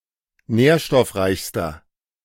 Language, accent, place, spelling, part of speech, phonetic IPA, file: German, Germany, Berlin, nährstoffreichster, adjective, [ˈnɛːɐ̯ʃtɔfˌʁaɪ̯çstɐ], De-nährstoffreichster.ogg
- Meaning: inflection of nährstoffreich: 1. strong/mixed nominative masculine singular superlative degree 2. strong genitive/dative feminine singular superlative degree